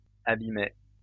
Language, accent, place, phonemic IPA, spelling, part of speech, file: French, France, Lyon, /a.bi.mɛ/, abîmait, verb, LL-Q150 (fra)-abîmait.wav
- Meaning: third-person singular imperfect indicative of abîmer